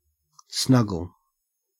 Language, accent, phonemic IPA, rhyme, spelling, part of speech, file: English, Australia, /ˈsnʌ.ɡəl/, -ʌɡəl, snuggle, noun / verb, En-au-snuggle.ogg
- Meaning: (noun) 1. An affectionate hug 2. The final remnant left in a liquor bottle; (verb) To lie close to another person or thing, hugging or being cosy